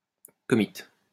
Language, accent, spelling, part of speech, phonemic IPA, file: French, France, commit, verb, /kɔ.mi/, LL-Q150 (fra)-commit.wav
- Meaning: third-person singular past historic of commettre